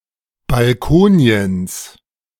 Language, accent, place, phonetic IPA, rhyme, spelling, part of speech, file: German, Germany, Berlin, [balˈkoːni̯əns], -oːni̯əns, Balkoniens, noun, De-Balkoniens.ogg
- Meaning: genitive of Balkonien